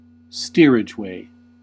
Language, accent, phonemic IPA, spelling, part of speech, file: English, US, /ˈstiɹɪd͡ʒˌweɪ/, steerageway, noun, En-us-steerageway.ogg
- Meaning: The minimum speed of a ship, below which it does not answer the helm and cannot be steered